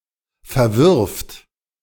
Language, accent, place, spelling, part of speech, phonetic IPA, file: German, Germany, Berlin, verwirft, verb, [fɛɐ̯ˈvɪʁft], De-verwirft.ogg
- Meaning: third-person singular present of verwerfen